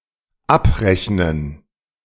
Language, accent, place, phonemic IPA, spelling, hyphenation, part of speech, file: German, Germany, Berlin, /ˈap.ʁɛç.nən/, abrechnen, ab‧rech‧nen, verb, De-abrechnen.ogg
- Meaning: 1. to settle up; to establish (and balance) all earnings and costs 2. to sum up; cash up; to make a final account or bill of something; to include something in such a bill 3. to subtract